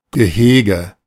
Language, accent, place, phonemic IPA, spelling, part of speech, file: German, Germany, Berlin, /ɡəˈheːɡə/, Gehege, noun, De-Gehege.ogg
- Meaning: enclosure (fenced-in area for keeping animals)